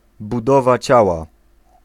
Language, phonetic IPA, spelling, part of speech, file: Polish, [buˈdɔva ˈt͡ɕawa], budowa ciała, noun, Pl-budowa ciała.ogg